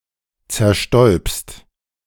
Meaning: second-person singular present of zerstäuben
- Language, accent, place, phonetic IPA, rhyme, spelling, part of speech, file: German, Germany, Berlin, [t͡sɛɐ̯ˈʃtɔɪ̯pst], -ɔɪ̯pst, zerstäubst, verb, De-zerstäubst.ogg